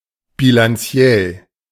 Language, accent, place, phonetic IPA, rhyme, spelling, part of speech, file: German, Germany, Berlin, [bilanˈt͡si̯ɛl], -ɛl, bilanziell, adjective, De-bilanziell.ogg
- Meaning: financial (on a balance sheet)